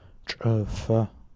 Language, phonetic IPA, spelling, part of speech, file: Adyghe, [t͡ʂʼəfa], чӏыфэ, noun, Чӏыфэ.ogg
- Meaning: debt